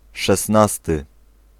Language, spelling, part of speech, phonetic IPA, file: Polish, szesnasty, adjective / noun, [ʃɛsˈnastɨ], Pl-szesnasty.ogg